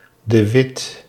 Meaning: a surname
- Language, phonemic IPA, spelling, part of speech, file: Dutch, /də ˈʋɪt/, de Wit, proper noun, Nl-de Wit.ogg